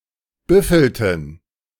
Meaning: inflection of büffeln: 1. first/third-person plural preterite 2. first/third-person plural subjunctive II
- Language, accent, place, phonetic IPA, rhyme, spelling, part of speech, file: German, Germany, Berlin, [ˈbʏfl̩tn̩], -ʏfl̩tn̩, büffelten, verb, De-büffelten.ogg